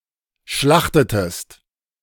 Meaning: inflection of schlachten: 1. second-person singular preterite 2. second-person singular subjunctive II
- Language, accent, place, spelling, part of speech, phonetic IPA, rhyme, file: German, Germany, Berlin, schlachtetest, verb, [ˈʃlaxtətəst], -axtətəst, De-schlachtetest.ogg